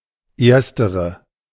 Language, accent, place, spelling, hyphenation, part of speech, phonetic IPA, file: German, Germany, Berlin, erstere, ers‧te‧re, adjective, [ˈʔɛɐ̯stəʁɐ], De-erstere.ogg
- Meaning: 1. former (first of aforementioned two items) 2. first (first of aforementioned three or more items)